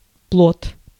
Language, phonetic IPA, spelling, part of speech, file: Russian, [pɫot], плод, noun, Ru-плод.ogg
- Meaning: 1. fruit (also figurative) 2. offspring 3. fetus, foetus